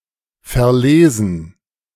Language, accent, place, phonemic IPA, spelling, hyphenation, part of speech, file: German, Germany, Berlin, /fɛɐ̯ˈleːzn̩/, verlesen, ver‧le‧sen, verb, De-verlesen.ogg
- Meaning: 1. to misread 2. to read out 3. to sort out